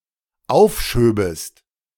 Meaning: second-person singular dependent subjunctive II of aufschieben
- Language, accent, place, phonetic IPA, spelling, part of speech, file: German, Germany, Berlin, [ˈaʊ̯fˌʃøːbəst], aufschöbest, verb, De-aufschöbest.ogg